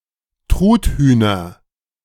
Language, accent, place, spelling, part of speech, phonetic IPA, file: German, Germany, Berlin, Truthühner, noun, [ˈtʁuːtˌhyːnɐ], De-Truthühner.ogg
- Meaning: nominative/accusative/genitive plural of Truthuhn